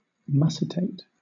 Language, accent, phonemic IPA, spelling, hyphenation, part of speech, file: English, Southern England, /ˈmʌsɪteɪt/, mussitate, mus‧sit‧ate, verb, LL-Q1860 (eng)-mussitate.wav
- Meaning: 1. To say (words, etc.) indistinctly; to mutter 2. To talk indistinctly; to mutter